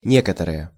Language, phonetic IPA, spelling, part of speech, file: Russian, [ˈnʲekətərɨje], некоторые, adjective / pronoun, Ru-некоторые.ogg
- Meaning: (adjective) inflection of не́который (nékotoryj): 1. nominative plural 2. inanimate accusative plural; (pronoun) nominative plural of не́который (nékotoryj): some, some people